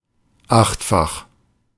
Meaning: eightfold
- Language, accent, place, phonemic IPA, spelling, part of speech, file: German, Germany, Berlin, /ˈaxtfax/, achtfach, adjective, De-achtfach.ogg